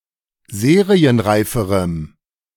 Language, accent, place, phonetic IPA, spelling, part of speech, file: German, Germany, Berlin, [ˈzeːʁiənˌʁaɪ̯fəʁəm], serienreiferem, adjective, De-serienreiferem.ogg
- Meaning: strong dative masculine/neuter singular comparative degree of serienreif